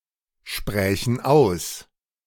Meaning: first/third-person plural subjunctive II of aussprechen
- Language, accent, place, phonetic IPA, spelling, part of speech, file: German, Germany, Berlin, [ˌʃpʁɛːçn̩ ˈaʊ̯s], sprächen aus, verb, De-sprächen aus.ogg